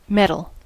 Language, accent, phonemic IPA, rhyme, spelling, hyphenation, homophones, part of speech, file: English, US, /ˈmɛ.təl/, -ɛtəl, metal, met‧al, mettle, noun / adjective / verb, En-us-metal.ogg